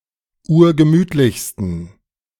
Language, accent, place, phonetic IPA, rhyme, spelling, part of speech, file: German, Germany, Berlin, [ˈuːɐ̯ɡəˈmyːtlɪçstn̩], -yːtlɪçstn̩, urgemütlichsten, adjective, De-urgemütlichsten.ogg
- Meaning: 1. superlative degree of urgemütlich 2. inflection of urgemütlich: strong genitive masculine/neuter singular superlative degree